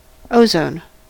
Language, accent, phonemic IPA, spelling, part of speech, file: English, US, /ˈoʊzoʊn/, ozone, noun / verb, En-us-ozone.ogg
- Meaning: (noun) An allotrope of oxygen (symbol O₃) having three atoms in the molecule instead of the usual two; it is a toxic gas, generated from oxygen by electrical discharge